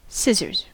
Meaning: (noun) A tool used for cutting thin material, consisting of two crossing blades attached at a pivot point in such a way that the blades slide across each other when the handles are closed
- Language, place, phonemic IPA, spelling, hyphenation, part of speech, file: English, California, /ˈsɪzɚz/, scissors, sciss‧ors, noun / verb / interjection, En-us-scissors.ogg